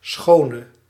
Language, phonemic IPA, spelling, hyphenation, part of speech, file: Dutch, /ˈsxoː.nə/, schone, scho‧ne, adjective / noun, Nl-schone.ogg
- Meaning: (adjective) inflection of schoon: 1. masculine/feminine singular attributive 2. definite neuter singular attributive 3. plural attributive; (noun) a beauty, beau/belle